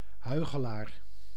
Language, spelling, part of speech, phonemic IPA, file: Dutch, huichelaar, noun, /ˈhœyxəˌlar/, Nl-huichelaar.ogg
- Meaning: hypocrite